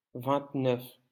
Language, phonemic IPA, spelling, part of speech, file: French, /vɛ̃t.nœf/, vingt-neuf, numeral, LL-Q150 (fra)-vingt-neuf.wav
- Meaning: twenty-nine